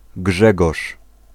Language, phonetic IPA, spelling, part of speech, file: Polish, [ˈɡʒɛɡɔʃ], Grzegorz, proper noun, Pl-Grzegorz.ogg